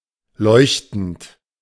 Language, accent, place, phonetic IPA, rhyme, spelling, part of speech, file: German, Germany, Berlin, [ˈlɔɪ̯çtn̩t], -ɔɪ̯çtn̩t, leuchtend, verb, De-leuchtend.ogg
- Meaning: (verb) present participle of leuchten; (adjective) 1. luminous 2. vibrant (of a colour); glowing, bright; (adverb) luminously